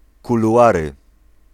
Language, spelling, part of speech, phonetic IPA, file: Polish, kuluary, noun, [ˌkuluˈʷarɨ], Pl-kuluary.ogg